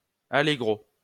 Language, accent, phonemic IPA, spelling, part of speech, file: French, France, /a.le.ɡʁo/, allégro, noun / adverb, LL-Q150 (fra)-allégro.wav
- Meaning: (noun) post-1990 spelling of allegro